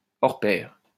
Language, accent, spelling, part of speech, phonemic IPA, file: French, France, hors pair, adjective, /ɔʁ pɛʁ/, LL-Q150 (fra)-hors pair.wav
- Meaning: peerless, unparalleled